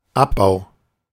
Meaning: 1. dismantling, demolition 2. mining 3. decomposition, separation, analysis
- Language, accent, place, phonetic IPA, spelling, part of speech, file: German, Germany, Berlin, [ˈapˌbaʊ̯], Abbau, noun, De-Abbau.ogg